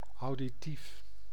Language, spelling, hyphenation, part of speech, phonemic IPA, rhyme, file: Dutch, auditief, au‧di‧tief, adjective, /ˌɑu̯.diˈtif/, -if, Nl-auditief.ogg
- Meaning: auditory